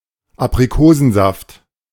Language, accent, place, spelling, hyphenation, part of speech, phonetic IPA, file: German, Germany, Berlin, Aprikosensaft, Ap‧ri‧ko‧sen‧saft, noun, [apriˈkoːzn̩zaft], De-Aprikosensaft.ogg
- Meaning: apricot juice